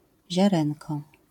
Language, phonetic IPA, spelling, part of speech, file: Polish, [ʑaˈrɛ̃nkɔ], ziarenko, noun, LL-Q809 (pol)-ziarenko.wav